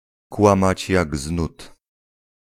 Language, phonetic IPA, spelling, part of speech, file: Polish, [ˈkwãmat͡ɕ ˈjaɡ ˈz‿nut], kłamać jak z nut, phrase, Pl-kłamać jak z nut.ogg